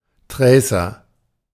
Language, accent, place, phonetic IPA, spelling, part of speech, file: German, Germany, Berlin, [ˈtʁɛɪ̯sɐ], Tracer, noun, De-Tracer.ogg
- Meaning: tracer